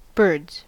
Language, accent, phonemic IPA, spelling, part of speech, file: English, General American, /bɜɹdz/, birds, noun, En-us-birds.ogg
- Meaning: plural of bird